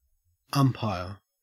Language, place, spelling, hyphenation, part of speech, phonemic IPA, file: English, Queensland, umpire, um‧pire, noun / verb, /ˈɐm.pɑeə(ɹ)/, En-au-umpire.ogg
- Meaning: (noun) 1. An official who presides over a sports match 2. An official who presides over a sports match.: The official who presides over a tennis match sat on a high chair